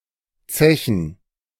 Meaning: 1. plural of Zeche 2. gerund of zechen
- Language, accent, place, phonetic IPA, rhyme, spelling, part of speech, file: German, Germany, Berlin, [ˈt͡sɛçn̩], -ɛçn̩, Zechen, noun, De-Zechen.ogg